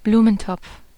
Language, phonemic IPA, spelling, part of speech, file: German, /ˈbluːmənˌtɔp͡f/, Blumentopf, noun, De-Blumentopf.ogg
- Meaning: flowerpot